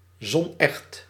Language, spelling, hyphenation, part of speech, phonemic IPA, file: Dutch, zonecht, zon‧echt, adjective, /zɔnˈɛxt/, Nl-zonecht.ogg
- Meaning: not liable to changing colour under the influence of sunlight; sunproof